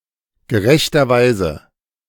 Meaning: justly, rightfully
- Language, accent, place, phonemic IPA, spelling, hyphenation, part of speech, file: German, Germany, Berlin, /ɡəˈʁɛçtɐˌvaɪ̯zə/, gerechterweise, ge‧rech‧ter‧wei‧se, adverb, De-gerechterweise.ogg